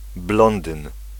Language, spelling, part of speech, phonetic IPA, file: Polish, blondyn, noun, [ˈblɔ̃ndɨ̃n], Pl-blondyn.ogg